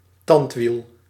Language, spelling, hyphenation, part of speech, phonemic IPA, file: Dutch, tandwiel, tand‧wiel, noun, /ˈtɑnt.ʋil/, Nl-tandwiel.ogg
- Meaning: gearwheel, cogwheel